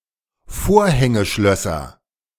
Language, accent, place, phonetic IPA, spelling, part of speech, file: German, Germany, Berlin, [ˈfoːɐ̯hɛŋəˌʃlœsɐ], Vorhängeschlösser, noun, De-Vorhängeschlösser.ogg
- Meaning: nominative/accusative/genitive plural of Vorhängeschloss